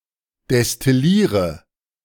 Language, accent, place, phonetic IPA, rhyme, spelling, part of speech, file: German, Germany, Berlin, [dɛstɪˈliːʁə], -iːʁə, destilliere, verb, De-destilliere.ogg
- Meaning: inflection of destillieren: 1. first-person singular present 2. first/third-person singular subjunctive I 3. singular imperative